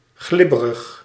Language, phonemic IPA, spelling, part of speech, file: Dutch, /ˈɣlɪbərəx/, glibberig, adjective, Nl-glibberig.ogg
- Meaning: slippery, slithery